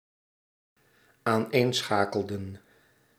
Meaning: inflection of aaneenschakelen: 1. plural dependent-clause past indicative 2. plural dependent-clause past subjunctive
- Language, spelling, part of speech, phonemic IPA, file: Dutch, aaneenschakelden, verb, /anˈensxakəldə(n)/, Nl-aaneenschakelden.ogg